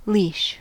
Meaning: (noun) 1. A strap, cord or rope with which to restrain an animal, often a dog 2. A brace and a half; a tierce 3. A set of three animals (especially greyhounds, foxes, deer/bucks, and hares)
- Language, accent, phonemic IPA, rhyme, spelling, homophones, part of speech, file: English, US, /liːʃ/, -iːʃ, leash, Laois, noun / verb, En-us-leash.ogg